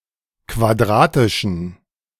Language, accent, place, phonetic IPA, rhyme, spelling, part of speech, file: German, Germany, Berlin, [kvaˈdʁaːtɪʃn̩], -aːtɪʃn̩, quadratischen, adjective, De-quadratischen.ogg
- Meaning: inflection of quadratisch: 1. strong genitive masculine/neuter singular 2. weak/mixed genitive/dative all-gender singular 3. strong/weak/mixed accusative masculine singular 4. strong dative plural